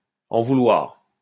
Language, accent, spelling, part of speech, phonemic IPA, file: French, France, en vouloir, verb, /ɑ̃ vu.lwaʁ/, LL-Q150 (fra)-en vouloir.wav
- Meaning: 1. to be angry 2. to be a go-getter, to have a go-getter attitude